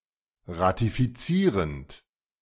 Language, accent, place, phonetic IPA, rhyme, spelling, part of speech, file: German, Germany, Berlin, [ʁatifiˈt͡siːʁənt], -iːʁənt, ratifizierend, verb, De-ratifizierend.ogg
- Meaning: present participle of ratifizieren